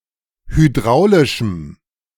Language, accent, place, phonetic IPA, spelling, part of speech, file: German, Germany, Berlin, [hyˈdʁaʊ̯lɪʃm̩], hydraulischem, adjective, De-hydraulischem.ogg
- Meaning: strong dative masculine/neuter singular of hydraulisch